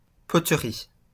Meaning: pottery
- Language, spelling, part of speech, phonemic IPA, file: French, poterie, noun, /pɔ.tʁi/, LL-Q150 (fra)-poterie.wav